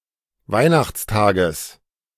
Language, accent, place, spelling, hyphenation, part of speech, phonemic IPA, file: German, Germany, Berlin, Weihnachtstages, Weih‧nachts‧ta‧ges, noun, /ˈvaɪ̯naxt͡sˌtaːɡəs/, De-Weihnachtstages.ogg
- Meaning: genitive singular of Weihnachtstag